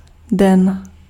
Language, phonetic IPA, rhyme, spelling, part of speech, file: Czech, [ˈdɛn], -ɛn, den, noun, Cs-den.ogg
- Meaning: 1. day (24 hours, usually from midnight to midnight) 2. daytime (time between sunrise and sunset) 3. day (rotational period of a body orbiting a star) 4. genitive plural of dno